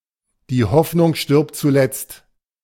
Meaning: hope springs eternal
- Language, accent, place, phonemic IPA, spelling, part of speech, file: German, Germany, Berlin, /di ˈhɔfnʊŋ ˈʃtɪʁpt tsuˈlɛtst/, die Hoffnung stirbt zuletzt, phrase, De-die Hoffnung stirbt zuletzt.ogg